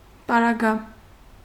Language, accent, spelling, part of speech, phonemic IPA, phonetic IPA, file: Armenian, Eastern Armenian, պարագա, noun, /pɑɾɑˈɡɑ/, [pɑɾɑɡɑ́], Hy-պարագա.ogg
- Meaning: 1. circumstance; case 2. accessories 3. adverbial modifier